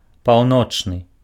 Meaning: north, northern, northerly
- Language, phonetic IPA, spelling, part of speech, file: Belarusian, [pau̯ˈnot͡ʂnɨ], паўночны, adjective, Be-паўночны.ogg